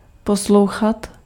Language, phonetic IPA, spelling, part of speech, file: Czech, [ˈposlou̯xat], poslouchat, verb, Cs-poslouchat.ogg
- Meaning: 1. to listen (to) 2. to obey